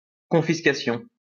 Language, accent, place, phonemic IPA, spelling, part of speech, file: French, France, Lyon, /kɔ̃.fis.ka.sjɔ̃/, confiscation, noun, LL-Q150 (fra)-confiscation.wav
- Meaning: confiscation